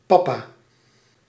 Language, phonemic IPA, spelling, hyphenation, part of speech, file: Dutch, /ˈpɑ.paː/, pappa, pap‧pa, noun, Nl-pappa.ogg
- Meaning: alternative form of papa